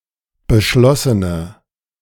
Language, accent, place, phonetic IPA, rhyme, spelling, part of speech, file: German, Germany, Berlin, [bəˈʃlɔsənə], -ɔsənə, beschlossene, adjective, De-beschlossene.ogg
- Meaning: inflection of beschlossen: 1. strong/mixed nominative/accusative feminine singular 2. strong nominative/accusative plural 3. weak nominative all-gender singular